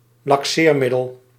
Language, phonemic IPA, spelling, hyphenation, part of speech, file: Dutch, /lɑkˈsermɪdəl/, laxeermiddel, lax‧eer‧mid‧del, noun, Nl-laxeermiddel.ogg
- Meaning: laxative